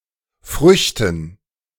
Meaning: dative plural of Frucht
- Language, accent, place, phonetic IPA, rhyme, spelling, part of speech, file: German, Germany, Berlin, [ˈfʁʏçtn̩], -ʏçtn̩, Früchten, noun, De-Früchten.ogg